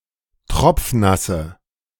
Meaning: inflection of tropfnass: 1. strong/mixed nominative/accusative feminine singular 2. strong nominative/accusative plural 3. weak nominative all-gender singular
- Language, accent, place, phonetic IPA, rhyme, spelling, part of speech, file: German, Germany, Berlin, [ˈtʁɔp͡fˈnasə], -asə, tropfnasse, adjective, De-tropfnasse.ogg